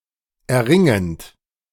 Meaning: present participle of erringen
- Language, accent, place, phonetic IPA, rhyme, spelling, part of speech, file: German, Germany, Berlin, [ɛɐ̯ˈʁɪŋənt], -ɪŋənt, erringend, verb, De-erringend.ogg